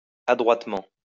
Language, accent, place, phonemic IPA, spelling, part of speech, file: French, France, Lyon, /a.dʁwat.mɑ̃/, adroitement, adverb, LL-Q150 (fra)-adroitement.wav
- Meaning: adroitly, skilfully